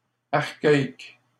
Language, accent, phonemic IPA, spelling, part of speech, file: French, Canada, /aʁ.ka.ik/, archaïque, adjective, LL-Q150 (fra)-archaïque.wav
- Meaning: archaic